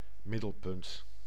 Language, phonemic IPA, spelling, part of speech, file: Dutch, /ˈmɪdəlˌpʏnt/, middelpunt, noun, Nl-middelpunt.ogg
- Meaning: middle point, centre